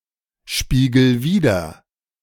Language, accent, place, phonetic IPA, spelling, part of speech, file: German, Germany, Berlin, [ˌʃpiːɡl̩ ˈviːdɐ], spiegel wider, verb, De-spiegel wider.ogg
- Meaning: 1. singular imperative of widerspiegeln 2. first-person singular present of widerspiegeln